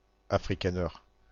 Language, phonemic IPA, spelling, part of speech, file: French, /a.fʁi.ka.nɛʁ/, afrikaner, adjective, FR-afrikaner.ogg
- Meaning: Boer